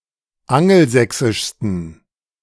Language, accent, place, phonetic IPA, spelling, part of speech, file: German, Germany, Berlin, [ˈaŋl̩ˌzɛksɪʃstn̩], angelsächsischsten, adjective, De-angelsächsischsten.ogg
- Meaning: 1. superlative degree of angelsächsisch 2. inflection of angelsächsisch: strong genitive masculine/neuter singular superlative degree